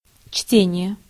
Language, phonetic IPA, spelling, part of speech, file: Russian, [ˈt͡ɕtʲenʲɪje], чтение, noun, Ru-чтение.ogg
- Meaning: 1. reading (the process of interpreting written language) 2. reading (legislature: one of several stages a bill passes through before becoming law)